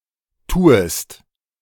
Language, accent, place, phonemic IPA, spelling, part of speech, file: German, Germany, Berlin, /ˈtuːəst/, tuest, verb, De-tuest.ogg
- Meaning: second-person singular subjunctive I of tun